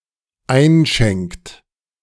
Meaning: inflection of einschenken: 1. third-person singular dependent present 2. second-person plural dependent present
- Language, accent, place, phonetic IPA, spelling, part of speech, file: German, Germany, Berlin, [ˈaɪ̯nˌʃɛŋkt], einschenkt, verb, De-einschenkt.ogg